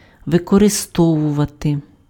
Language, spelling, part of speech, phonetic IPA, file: Ukrainian, використовувати, verb, [ʋekɔreˈstɔwʊʋɐte], Uk-використовувати.ogg
- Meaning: to use